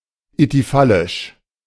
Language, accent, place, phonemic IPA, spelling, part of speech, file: German, Germany, Berlin, /ityˈfalɪʃ/, ithyphallisch, adjective, De-ithyphallisch.ogg
- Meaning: ithyphallic